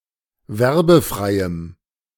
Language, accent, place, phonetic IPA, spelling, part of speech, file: German, Germany, Berlin, [ˈvɛʁbəˌfʁaɪ̯əm], werbefreiem, adjective, De-werbefreiem.ogg
- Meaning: strong dative masculine/neuter singular of werbefrei